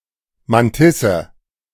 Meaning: mantissa
- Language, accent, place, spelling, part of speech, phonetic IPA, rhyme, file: German, Germany, Berlin, Mantisse, noun, [manˈtɪsə], -ɪsə, De-Mantisse.ogg